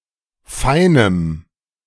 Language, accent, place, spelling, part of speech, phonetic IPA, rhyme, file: German, Germany, Berlin, feinem, adjective, [ˈfaɪ̯nəm], -aɪ̯nəm, De-feinem.ogg
- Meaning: strong dative masculine/neuter singular of fein